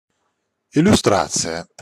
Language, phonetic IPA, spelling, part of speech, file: Russian, [ɪlʲʊˈstrat͡sɨjə], иллюстрация, noun, Ru-иллюстрация.ogg
- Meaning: 1. illustration, picture 2. example